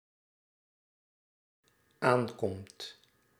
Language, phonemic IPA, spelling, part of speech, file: Dutch, /ˈaŋkɔmt/, aankomt, verb, Nl-aankomt.ogg
- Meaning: second/third-person singular dependent-clause present indicative of aankomen